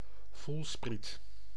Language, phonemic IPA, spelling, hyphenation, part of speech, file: Dutch, /ˈvulsprit/, voelspriet, voel‧spriet, noun, Nl-voelspriet.ogg
- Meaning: feeler, antenna